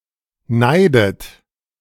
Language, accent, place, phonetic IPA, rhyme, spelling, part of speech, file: German, Germany, Berlin, [ˈnaɪ̯dət], -aɪ̯dət, neidet, verb, De-neidet.ogg
- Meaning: inflection of neiden: 1. second-person plural present 2. second-person plural subjunctive I 3. third-person singular present 4. plural imperative